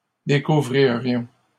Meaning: first-person plural conditional of découvrir
- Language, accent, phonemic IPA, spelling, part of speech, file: French, Canada, /de.ku.vʁi.ʁjɔ̃/, découvririons, verb, LL-Q150 (fra)-découvririons.wav